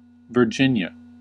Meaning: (proper noun) 1. A state of the United States. Official name: Commonwealth of Virginia. Capital: Richmond 2. A former colony that was a part of the British Empire 3. 50 Virginia, a main belt asteroid
- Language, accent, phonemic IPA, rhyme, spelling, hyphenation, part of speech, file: English, General American, /vɚˈd͡ʒɪn.jə/, -ɪnjə, Virginia, Vir‧gin‧ia, proper noun / noun, En-us-Virginia.ogg